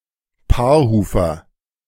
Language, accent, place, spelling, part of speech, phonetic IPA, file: German, Germany, Berlin, Paarhufer, noun, [ˈpaːɐ̯ˌhuːfɐ], De-Paarhufer.ogg
- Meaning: artiodactyl, even-toed ungulate